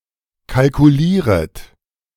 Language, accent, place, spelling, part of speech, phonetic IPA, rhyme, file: German, Germany, Berlin, kalkulieret, verb, [kalkuˈliːʁət], -iːʁət, De-kalkulieret.ogg
- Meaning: second-person plural subjunctive I of kalkulieren